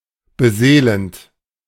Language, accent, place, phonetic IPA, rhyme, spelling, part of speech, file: German, Germany, Berlin, [bəˈzeːlənt], -eːlənt, beseelend, verb, De-beseelend.ogg
- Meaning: present participle of beseelen